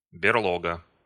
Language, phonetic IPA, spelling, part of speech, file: Russian, [bʲɪrˈɫoɡə], берлога, noun, Ru-берлога.ogg
- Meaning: 1. lair, burrow, den, cave (for bears) 2. crib, pad